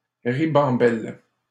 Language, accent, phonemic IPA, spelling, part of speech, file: French, Canada, /ʁi.bɑ̃.bɛl/, ribambelle, noun, LL-Q150 (fra)-ribambelle.wav
- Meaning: string, herd, swarm